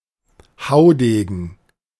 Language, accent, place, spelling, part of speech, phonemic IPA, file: German, Germany, Berlin, Haudegen, noun, /ˈhaʊ̯ˌdeːɡn̩/, De-Haudegen.ogg
- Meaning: 1. daredevil 2. go-getter 3. warhorse (a foolhardy warrior)